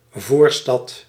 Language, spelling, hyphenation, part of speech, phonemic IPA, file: Dutch, voorstad, voor‧stad, noun, /ˈvoːr.stɑt/, Nl-voorstad.ogg
- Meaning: 1. a suburb: suburban municipality, adjacent and subordinate to a (major) city 2. a suburb: a quarter outside the city walls 3. a suburb: a suburban quarter 4. a nearby hinterland